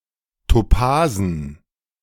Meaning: dative plural of Topas
- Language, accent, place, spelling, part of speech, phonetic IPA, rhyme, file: German, Germany, Berlin, Topasen, noun, [toˈpaːzn̩], -aːzn̩, De-Topasen.ogg